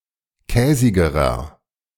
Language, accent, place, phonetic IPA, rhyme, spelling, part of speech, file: German, Germany, Berlin, [ˈkɛːzɪɡəʁɐ], -ɛːzɪɡəʁɐ, käsigerer, adjective, De-käsigerer.ogg
- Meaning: inflection of käsig: 1. strong/mixed nominative masculine singular comparative degree 2. strong genitive/dative feminine singular comparative degree 3. strong genitive plural comparative degree